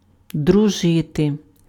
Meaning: to be friends (with), to be on friendly terms (with)
- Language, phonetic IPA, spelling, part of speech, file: Ukrainian, [drʊˈʒɪte], дружити, verb, Uk-дружити.ogg